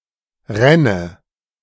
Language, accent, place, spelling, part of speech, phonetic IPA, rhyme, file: German, Germany, Berlin, ränne, verb, [ˈʁɛnə], -ɛnə, De-ränne.ogg
- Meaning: first/third-person singular subjunctive II of rinnen